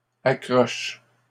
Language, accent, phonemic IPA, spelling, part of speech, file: French, Canada, /a.kʁɔʃ/, accroche, noun / verb, LL-Q150 (fra)-accroche.wav
- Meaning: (noun) 1. lead-in (attention-grabbing beginning to an article, advertisement etc.) 2. teaser; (verb) inflection of accrocher: first/third-person singular present indicative/subjunctive